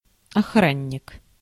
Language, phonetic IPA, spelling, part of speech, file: Russian, [ɐˈxranʲːɪk], охранник, noun, Ru-охранник.ogg
- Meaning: 1. security guard, watchman (guard) 2. bodyguard